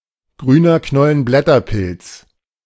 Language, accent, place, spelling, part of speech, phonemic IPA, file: German, Germany, Berlin, Grüner Knollenblätterpilz, noun, /ˌɡʁyːnɐ ˈknɔlənblɛtɐˌpɪlt͡s/, De-Grüner Knollenblätterpilz.ogg
- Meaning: death cap (Amanita phalloides)